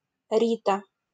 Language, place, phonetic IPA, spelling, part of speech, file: Russian, Saint Petersburg, [ˈrʲitə], Рита, proper noun, LL-Q7737 (rus)-Рита.wav
- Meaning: a diminutive of the female given name Маргари́та (Margaríta), equivalent to English Rita